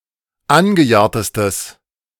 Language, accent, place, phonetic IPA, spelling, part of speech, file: German, Germany, Berlin, [ˈanɡəˌjaːɐ̯təstəs], angejahrtestes, adjective, De-angejahrtestes.ogg
- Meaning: strong/mixed nominative/accusative neuter singular superlative degree of angejahrt